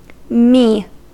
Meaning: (noun) A syllable used in sol-fa (solfège) to represent the third note of a major scale
- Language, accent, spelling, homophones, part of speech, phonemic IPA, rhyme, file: English, General American, mi, me, noun / symbol, /miː/, -iː, En-us-mi.ogg